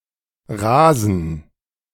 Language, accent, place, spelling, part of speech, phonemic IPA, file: German, Germany, Berlin, Rasen, noun, /ˈraːzən/, De-Rasen.ogg
- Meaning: 1. lawn 2. turf